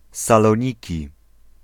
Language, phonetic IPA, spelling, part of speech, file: Polish, [ˌsalɔ̃ˈɲici], Saloniki, proper noun, Pl-Saloniki.ogg